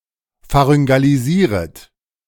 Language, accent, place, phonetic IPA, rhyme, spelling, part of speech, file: German, Germany, Berlin, [faʁʏŋɡaliˈziːʁət], -iːʁət, pharyngalisieret, verb, De-pharyngalisieret.ogg
- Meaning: second-person plural subjunctive I of pharyngalisieren